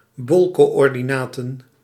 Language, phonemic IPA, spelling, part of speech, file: Dutch, /ˈbɔl.koː.ɔr.diˌnaː.tə(n)/, bolcoördinaten, noun, Nl-bolcoördinaten.ogg
- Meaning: spherical coordinates